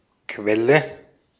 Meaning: 1. spring 2. well (oil, gas) 3. source
- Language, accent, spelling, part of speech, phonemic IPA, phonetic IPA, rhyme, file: German, Austria, Quelle, noun, /ˈkvɛlə/, [ˈkʋɛlə], -ɛlə, De-at-Quelle.ogg